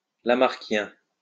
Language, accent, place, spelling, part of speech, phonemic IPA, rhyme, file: French, France, Lyon, lamarckien, adjective / noun, /la.maʁ.kjɛ̃/, -ɛ̃, LL-Q150 (fra)-lamarckien.wav
- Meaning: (adjective) Lamarckian; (noun) Lamarckian, Lamarckist